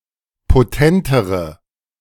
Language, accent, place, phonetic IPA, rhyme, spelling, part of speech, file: German, Germany, Berlin, [poˈtɛntəʁə], -ɛntəʁə, potentere, adjective, De-potentere.ogg
- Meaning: inflection of potent: 1. strong/mixed nominative/accusative feminine singular comparative degree 2. strong nominative/accusative plural comparative degree